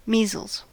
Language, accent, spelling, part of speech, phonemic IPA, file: English, US, measles, noun / verb, /ˈmizəlz/, En-us-measles.ogg
- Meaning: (noun) An acute and highly contagious disease which often afflicts children caused by the virus Measles morbillivirus and causing red rashes, fever, runny nose, coughing, and red eyes